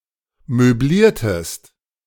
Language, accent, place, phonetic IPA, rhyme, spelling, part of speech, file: German, Germany, Berlin, [møˈbliːɐ̯təst], -iːɐ̯təst, möbliertest, verb, De-möbliertest.ogg
- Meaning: inflection of möblieren: 1. second-person singular preterite 2. second-person singular subjunctive II